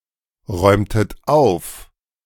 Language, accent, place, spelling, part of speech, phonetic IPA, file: German, Germany, Berlin, räumtet auf, verb, [ˌʁɔɪ̯mtət ˈaʊ̯f], De-räumtet auf.ogg
- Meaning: inflection of aufräumen: 1. second-person plural preterite 2. second-person plural subjunctive II